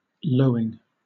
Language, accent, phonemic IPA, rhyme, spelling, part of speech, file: English, Southern England, /ˈləʊɪŋ/, -əʊɪŋ, lowing, verb / noun, LL-Q1860 (eng)-lowing.wav
- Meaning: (verb) present participle and gerund of low; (noun) The sound of something that lows